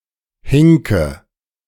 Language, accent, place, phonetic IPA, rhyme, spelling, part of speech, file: German, Germany, Berlin, [ˈhɪŋkə], -ɪŋkə, hinke, verb, De-hinke.ogg
- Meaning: inflection of hinken: 1. first-person singular present 2. first/third-person singular subjunctive I 3. singular imperative